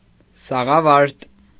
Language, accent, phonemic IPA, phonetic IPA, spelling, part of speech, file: Armenian, Eastern Armenian, /sɑʁɑˈvɑɾt/, [sɑʁɑvɑ́ɾt], սաղավարտ, noun, Hy-սաղավարտ.ogg
- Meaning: helmet, helm, headpiece